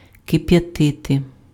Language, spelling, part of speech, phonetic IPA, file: Ukrainian, кип'ятити, verb, [kepjɐˈtɪte], Uk-кип'ятити.ogg
- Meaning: to boil